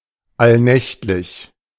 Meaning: nightly (every night)
- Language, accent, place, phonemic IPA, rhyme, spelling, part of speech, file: German, Germany, Berlin, /ˈalˌnɛçtlɪç/, -ɛçtlɪç, allnächtlich, adjective, De-allnächtlich.ogg